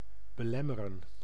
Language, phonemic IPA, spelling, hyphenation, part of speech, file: Dutch, /bəˈlɛmərə(n)/, belemmeren, be‧lem‧me‧ren, verb, Nl-belemmeren.ogg
- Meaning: to obstruct, to hinder, to hamper